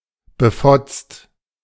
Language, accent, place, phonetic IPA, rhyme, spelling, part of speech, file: German, Germany, Berlin, [bəˈfɔt͡st], -ɔt͡st, befotzt, adjective, De-befotzt.ogg
- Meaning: 1. sloppy 2. crazy